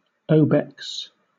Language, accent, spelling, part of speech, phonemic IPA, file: English, Southern England, obex, noun, /ˈəʊ.bɛks/, LL-Q1860 (eng)-obex.wav
- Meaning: A small, crescentic fold of white matter that covers the inferior angle of the floor of the fourth ventricle